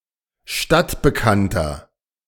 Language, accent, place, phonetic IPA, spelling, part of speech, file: German, Germany, Berlin, [ˈʃtatbəˌkantɐ], stadtbekannter, adjective, De-stadtbekannter.ogg
- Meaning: 1. comparative degree of stadtbekannt 2. inflection of stadtbekannt: strong/mixed nominative masculine singular 3. inflection of stadtbekannt: strong genitive/dative feminine singular